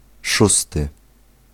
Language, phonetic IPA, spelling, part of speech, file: Polish, [ˈʃustɨ], szósty, adjective / noun, Pl-szósty.ogg